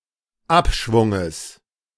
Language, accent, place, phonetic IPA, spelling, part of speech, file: German, Germany, Berlin, [ˈapˌʃvʊŋəs], Abschwunges, noun, De-Abschwunges.ogg
- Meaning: genitive singular of Abschwung